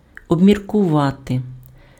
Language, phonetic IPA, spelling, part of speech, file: Ukrainian, [ɔbmʲirkʊˈʋate], обміркувати, verb, Uk-обміркувати.ogg
- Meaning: to think over, to ponder, to consider, to cogitate, to reflect, to deliberate (on/upon/over)